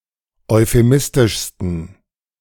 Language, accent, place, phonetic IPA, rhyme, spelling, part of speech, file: German, Germany, Berlin, [ɔɪ̯feˈmɪstɪʃstn̩], -ɪstɪʃstn̩, euphemistischsten, adjective, De-euphemistischsten.ogg
- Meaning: 1. superlative degree of euphemistisch 2. inflection of euphemistisch: strong genitive masculine/neuter singular superlative degree